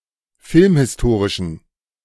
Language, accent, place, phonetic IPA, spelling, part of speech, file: German, Germany, Berlin, [ˈfɪlmhɪsˌtoːʁɪʃn̩], filmhistorischen, adjective, De-filmhistorischen.ogg
- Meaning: inflection of filmhistorisch: 1. strong genitive masculine/neuter singular 2. weak/mixed genitive/dative all-gender singular 3. strong/weak/mixed accusative masculine singular 4. strong dative plural